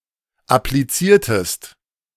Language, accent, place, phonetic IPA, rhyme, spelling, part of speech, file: German, Germany, Berlin, [apliˈt͡siːɐ̯təst], -iːɐ̯təst, appliziertest, verb, De-appliziertest.ogg
- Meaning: inflection of applizieren: 1. second-person singular preterite 2. second-person singular subjunctive II